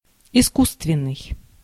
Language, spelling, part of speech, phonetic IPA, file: Russian, искусственный, adjective, [ɪˈskus(ː)tvʲɪn(ː)ɨj], Ru-искусственный.ogg
- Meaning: 1. artificial, man-made 2. false (in terms of teeth) 3. imitation, fake 4. unnatural, insincere, contrived